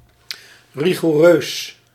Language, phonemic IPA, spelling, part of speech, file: Dutch, /rixoˈrøs/, rigoureus, adjective, Nl-rigoureus.ogg
- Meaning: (adjective) full-on, rigorous; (adverb) 1. rigorously, strictly, harshly 2. exactly, precisely